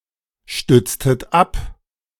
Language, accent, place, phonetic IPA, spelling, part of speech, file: German, Germany, Berlin, [ˌʃtʏt͡stət ˈap], stütztet ab, verb, De-stütztet ab.ogg
- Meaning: inflection of abstützen: 1. second-person plural preterite 2. second-person plural subjunctive II